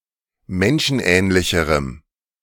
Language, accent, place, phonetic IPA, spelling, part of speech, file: German, Germany, Berlin, [ˈmɛnʃn̩ˌʔɛːnlɪçəʁəm], menschenähnlicherem, adjective, De-menschenähnlicherem.ogg
- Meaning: strong dative masculine/neuter singular comparative degree of menschenähnlich